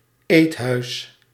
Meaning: a diner, cafeteria or restaurant
- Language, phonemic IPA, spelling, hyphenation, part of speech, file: Dutch, /ˈeːt.ɦœy̯s/, eethuis, eet‧huis, noun, Nl-eethuis.ogg